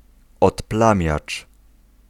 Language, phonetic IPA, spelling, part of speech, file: Polish, [ɔtˈplãmʲjat͡ʃ], odplamiacz, noun, Pl-odplamiacz.ogg